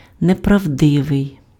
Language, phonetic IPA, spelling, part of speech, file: Ukrainian, [neprɐu̯ˈdɪʋei̯], неправдивий, adjective, Uk-неправдивий.ogg
- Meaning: untrue, untruthful, false (not conforming to facts or reality)